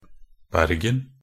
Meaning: 1. Bergen (a port city, municipality, and former county of the county of Vestland, Norway, formerly part of the county of Hordaland) 2. Bergen (a historical county of Norway)
- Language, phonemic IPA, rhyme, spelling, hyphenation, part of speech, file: Norwegian Bokmål, /ˈbærɡən/, -ən, Bergen, Ber‧gen, proper noun, Nb-bergen.ogg